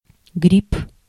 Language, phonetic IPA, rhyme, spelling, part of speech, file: Russian, [ɡrʲip], -ip, грипп, noun, Ru-грипп.ogg
- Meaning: influenza, flu, grippe, grip